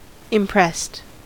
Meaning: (adjective) 1. Strongly affected, especially favourably 2. Stamped, under pressure 3. Compelled to serve in a military force 4. Confiscated by force or authority
- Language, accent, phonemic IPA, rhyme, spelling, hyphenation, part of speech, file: English, US, /ɪmˈpɹɛst/, -ɛst, impressed, im‧pressed, adjective / verb, En-us-impressed.ogg